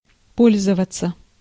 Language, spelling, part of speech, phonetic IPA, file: Russian, пользоваться, verb, [ˈpolʲzəvət͡sə], Ru-пользоваться.ogg
- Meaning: 1. to use, to utilize 2. to enjoy 3. passive of по́льзовать (pólʹzovatʹ)